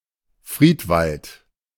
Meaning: forest cemetery
- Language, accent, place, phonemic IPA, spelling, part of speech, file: German, Germany, Berlin, /ˈfʁiːtˌvalt/, Friedwald, noun, De-Friedwald.ogg